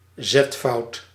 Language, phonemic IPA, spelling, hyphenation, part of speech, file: Dutch, /ˈzɛt.fɑu̯t/, zetfout, zet‧fout, noun, Nl-zetfout.ogg
- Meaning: typesetting error